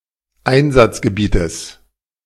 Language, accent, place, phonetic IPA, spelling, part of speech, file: German, Germany, Berlin, [ˈaɪ̯nzat͡sɡəˌbiːtəs], Einsatzgebietes, noun, De-Einsatzgebietes.ogg
- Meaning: genitive singular of Einsatzgebiet